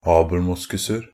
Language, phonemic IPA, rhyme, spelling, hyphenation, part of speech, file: Norwegian Bokmål, /ɑːbl̩ˈmʊskʉsər/, -ər, abelmoskuser, ab‧el‧mos‧kus‧er, noun, NB - Pronunciation of Norwegian Bokmål «abelmoskuser».ogg
- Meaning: indefinite plural of abelmoskus